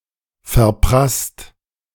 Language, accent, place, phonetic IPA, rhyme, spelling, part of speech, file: German, Germany, Berlin, [fɛɐ̯ˈpʁast], -ast, verprasst, verb, De-verprasst.ogg
- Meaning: past participle of verprassen